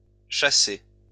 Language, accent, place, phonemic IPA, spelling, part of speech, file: French, France, Lyon, /ʃa.se/, chassés, verb, LL-Q150 (fra)-chassés.wav
- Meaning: masculine plural of chassé